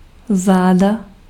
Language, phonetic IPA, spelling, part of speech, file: Czech, [ˈzaːda], záda, noun, Cs-záda.ogg
- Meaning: back